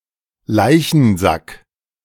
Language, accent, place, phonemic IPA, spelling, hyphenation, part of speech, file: German, Germany, Berlin, /ˈlaɪ̯çənˌzak/, Leichensack, Lei‧chen‧sack, noun, De-Leichensack.ogg
- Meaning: body bag (bag designed to contain a human corpse)